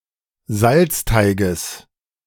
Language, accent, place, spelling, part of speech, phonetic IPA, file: German, Germany, Berlin, Salzteiges, noun, [ˈzalt͡sˌtaɪ̯ɡəs], De-Salzteiges.ogg
- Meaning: genitive singular of Salzteig